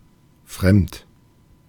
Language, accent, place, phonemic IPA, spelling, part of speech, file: German, Germany, Berlin, /fʁɛmt/, fremd, adjective, De-fremd.ogg
- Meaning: 1. strange 2. foreign 3. external